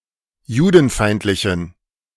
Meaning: inflection of judenfeindlich: 1. strong genitive masculine/neuter singular 2. weak/mixed genitive/dative all-gender singular 3. strong/weak/mixed accusative masculine singular 4. strong dative plural
- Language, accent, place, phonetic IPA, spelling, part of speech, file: German, Germany, Berlin, [ˈjuːdn̩ˌfaɪ̯ntlɪçn̩], judenfeindlichen, adjective, De-judenfeindlichen.ogg